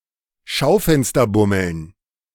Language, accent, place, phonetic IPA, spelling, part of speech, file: German, Germany, Berlin, [ˈʃaʊ̯fɛnstɐˌbʊml̩n], Schaufensterbummeln, noun, De-Schaufensterbummeln.ogg
- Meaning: dative plural of Schaufensterbummel